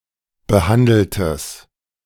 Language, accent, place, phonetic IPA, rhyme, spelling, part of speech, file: German, Germany, Berlin, [bəˈhandl̩təs], -andl̩təs, behandeltes, adjective, De-behandeltes.ogg
- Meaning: strong/mixed nominative/accusative neuter singular of behandelt